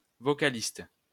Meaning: vocalist
- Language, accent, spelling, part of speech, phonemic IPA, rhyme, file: French, France, vocaliste, noun, /vɔ.ka.list/, -ist, LL-Q150 (fra)-vocaliste.wav